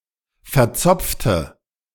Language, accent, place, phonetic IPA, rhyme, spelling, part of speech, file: German, Germany, Berlin, [fɛɐ̯ˈt͡sɔp͡ftə], -ɔp͡ftə, verzopfte, adjective, De-verzopfte.ogg
- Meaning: inflection of verzopft: 1. strong/mixed nominative/accusative feminine singular 2. strong nominative/accusative plural 3. weak nominative all-gender singular